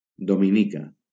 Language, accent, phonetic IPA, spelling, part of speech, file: Catalan, Valencia, [do.miˈni.ka], Dominica, proper noun, LL-Q7026 (cat)-Dominica.wav
- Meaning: Dominica (an island and country in the Caribbean)